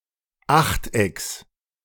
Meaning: genitive singular of Achteck
- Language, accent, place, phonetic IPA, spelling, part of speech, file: German, Germany, Berlin, [ˈaxtˌʔɛks], Achtecks, noun, De-Achtecks.ogg